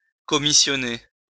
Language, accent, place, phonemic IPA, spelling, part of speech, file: French, France, Lyon, /kɔ.mi.sjɔ.ne/, commissionner, verb, LL-Q150 (fra)-commissionner.wav
- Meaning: to commission (an officer, ship etc)